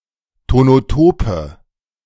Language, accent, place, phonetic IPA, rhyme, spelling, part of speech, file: German, Germany, Berlin, [tonoˈtoːpə], -oːpə, tonotope, adjective, De-tonotope.ogg
- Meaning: inflection of tonotop: 1. strong/mixed nominative/accusative feminine singular 2. strong nominative/accusative plural 3. weak nominative all-gender singular 4. weak accusative feminine/neuter singular